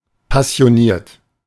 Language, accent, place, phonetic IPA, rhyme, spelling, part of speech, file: German, Germany, Berlin, [pasi̯oˈniːɐ̯t], -iːɐ̯t, passioniert, adjective / verb, De-passioniert.ogg
- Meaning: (verb) past participle of passionieren; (adjective) passionate (as in: passionate hobbyist)